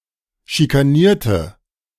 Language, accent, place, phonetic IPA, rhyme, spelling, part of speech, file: German, Germany, Berlin, [ʃikaˈniːɐ̯tə], -iːɐ̯tə, schikanierte, adjective / verb, De-schikanierte.ogg
- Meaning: inflection of schikanieren: 1. first/third-person singular preterite 2. first/third-person singular subjunctive II